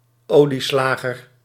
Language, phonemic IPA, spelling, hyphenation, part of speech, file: Dutch, /ˈoː.liˌslaː.ɣər/, olieslager, olie‧sla‧ger, noun, Nl-olieslager.ogg
- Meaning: an oil miller, an oil crusher; one who presses oil from produce, often with a press or mill